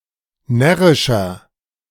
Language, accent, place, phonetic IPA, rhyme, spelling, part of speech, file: German, Germany, Berlin, [ˈnɛʁɪʃɐ], -ɛʁɪʃɐ, närrischer, adjective, De-närrischer.ogg
- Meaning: 1. comparative degree of närrisch 2. inflection of närrisch: strong/mixed nominative masculine singular 3. inflection of närrisch: strong genitive/dative feminine singular